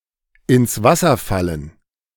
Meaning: 1. to fall through (of organized events, hopes, plans, typically because of external circumstances) 2. Used other than figuratively or idiomatically: see ins, Wasser, fallen
- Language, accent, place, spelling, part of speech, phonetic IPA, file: German, Germany, Berlin, ins Wasser fallen, verb, [ɪns ˈvasɐ ˌfalən], De-ins Wasser fallen.ogg